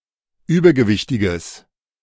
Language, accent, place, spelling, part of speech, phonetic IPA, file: German, Germany, Berlin, übergewichtiges, adjective, [ˈyːbɐɡəˌvɪçtɪɡəs], De-übergewichtiges.ogg
- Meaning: strong/mixed nominative/accusative neuter singular of übergewichtig